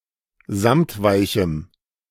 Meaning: strong dative masculine/neuter singular of samtweich
- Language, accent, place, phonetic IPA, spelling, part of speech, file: German, Germany, Berlin, [ˈzamtˌvaɪ̯çm̩], samtweichem, adjective, De-samtweichem.ogg